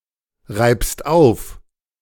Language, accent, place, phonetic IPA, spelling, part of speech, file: German, Germany, Berlin, [ˌʁaɪ̯pst ˈaʊ̯f], reibst auf, verb, De-reibst auf.ogg
- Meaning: second-person singular present of aufreiben